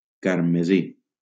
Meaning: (adjective) crimson
- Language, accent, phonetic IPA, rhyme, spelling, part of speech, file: Catalan, Valencia, [kaɾ.meˈzi], -i, carmesí, adjective / noun, LL-Q7026 (cat)-carmesí.wav